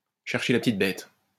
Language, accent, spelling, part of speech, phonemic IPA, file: French, France, chercher la petite bête, verb, /ʃɛʁ.ʃe la p(ə).tit bɛt/, LL-Q150 (fra)-chercher la petite bête.wav
- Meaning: to nitpick, to split hairs